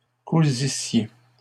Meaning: second-person plural imperfect subjunctive of coudre
- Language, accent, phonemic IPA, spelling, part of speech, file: French, Canada, /ku.zi.sje/, cousissiez, verb, LL-Q150 (fra)-cousissiez.wav